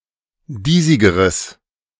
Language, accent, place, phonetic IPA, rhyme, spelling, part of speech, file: German, Germany, Berlin, [ˈdiːzɪɡəʁəs], -iːzɪɡəʁəs, diesigeres, adjective, De-diesigeres.ogg
- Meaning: strong/mixed nominative/accusative neuter singular comparative degree of diesig